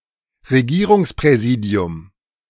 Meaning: administration of a Regierungsbezirk (kind of district)
- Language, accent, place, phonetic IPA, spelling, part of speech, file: German, Germany, Berlin, [ʁeˈɡiːʁʊŋspʁɛˌziːdi̯ʊm], Regierungspräsidium, noun, De-Regierungspräsidium.ogg